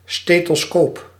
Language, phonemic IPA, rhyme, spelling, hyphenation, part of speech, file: Dutch, /ˌsteː.toːˈskoːp/, -oːp, stethoscoop, ste‧tho‧scoop, noun, Nl-stethoscoop.ogg
- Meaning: stethoscope